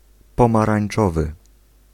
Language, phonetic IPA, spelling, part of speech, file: Polish, [ˌpɔ̃marãj̃n͇ˈt͡ʃɔvɨ], pomarańczowy, adjective, Pl-pomarańczowy.ogg